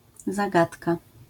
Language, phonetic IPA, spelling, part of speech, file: Polish, [zaˈɡatka], zagadka, noun, LL-Q809 (pol)-zagadka.wav